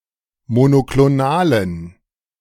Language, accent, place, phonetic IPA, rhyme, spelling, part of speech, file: German, Germany, Berlin, [monokloˈnaːlən], -aːlən, monoklonalen, adjective, De-monoklonalen.ogg
- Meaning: inflection of monoklonal: 1. strong genitive masculine/neuter singular 2. weak/mixed genitive/dative all-gender singular 3. strong/weak/mixed accusative masculine singular 4. strong dative plural